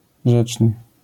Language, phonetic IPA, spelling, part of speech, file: Polish, [ˈʒɛt͡ʃnɨ], rzeczny, adjective, LL-Q809 (pol)-rzeczny.wav